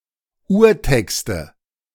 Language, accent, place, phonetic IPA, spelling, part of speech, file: German, Germany, Berlin, [ˈuːɐ̯ˌtɛkstə], Urtexte, noun, De-Urtexte.ogg
- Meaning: nominative/accusative/genitive plural of Urtext